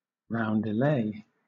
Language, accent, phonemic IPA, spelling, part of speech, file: English, Southern England, /ˈɹaʊndɪˌleɪ/, roundelay, noun, LL-Q1860 (eng)-roundelay.wav
- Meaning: 1. A poem or song having a line or phrase repeated at regular intervals 2. A dance in a circle 3. Anything having a round form; a roundel